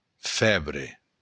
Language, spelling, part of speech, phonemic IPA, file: Occitan, fèbre, noun, /ˈfɛβɾe/, LL-Q942602-fèbre.wav
- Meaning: fever